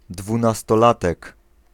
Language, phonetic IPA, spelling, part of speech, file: Polish, [ˌdvũnastɔˈlatɛk], dwunastolatek, noun, Pl-dwunastolatek.ogg